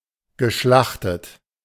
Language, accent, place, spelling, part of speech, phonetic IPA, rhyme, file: German, Germany, Berlin, geschlachtet, adjective / verb, [ɡəˈʃlaxtət], -axtət, De-geschlachtet.ogg
- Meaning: past participle of schlachten